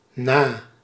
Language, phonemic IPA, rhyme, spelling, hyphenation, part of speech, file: Dutch, /naː/, -aː, na, na, preposition / adjective, Nl-na.ogg
- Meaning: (preposition) 1. after 2. bar, except Used to form ordinal numbers in relation to a superlative quality. The number that is used is 1 lower than in the English translation; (adjective) close